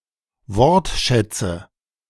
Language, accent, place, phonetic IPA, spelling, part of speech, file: German, Germany, Berlin, [ˈvɔʁtˌʃɛt͡sə], Wortschätze, noun, De-Wortschätze.ogg
- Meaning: nominative/accusative/genitive plural of Wortschatz